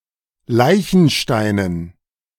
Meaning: dative plural of Leichenstein
- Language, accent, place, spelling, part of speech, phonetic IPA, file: German, Germany, Berlin, Leichensteinen, noun, [ˈlaɪ̯çn̩ʃtaɪ̯nən], De-Leichensteinen.ogg